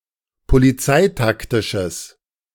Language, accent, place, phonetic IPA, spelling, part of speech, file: German, Germany, Berlin, [poliˈt͡saɪ̯takˌtɪʃəs], polizeitaktisches, adjective, De-polizeitaktisches.ogg
- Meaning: strong/mixed nominative/accusative neuter singular of polizeitaktisch